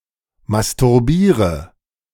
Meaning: inflection of masturbieren: 1. first-person singular present 2. first/third-person singular subjunctive I 3. singular imperative
- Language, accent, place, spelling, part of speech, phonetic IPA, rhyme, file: German, Germany, Berlin, masturbiere, verb, [mastʊʁˈbiːʁə], -iːʁə, De-masturbiere.ogg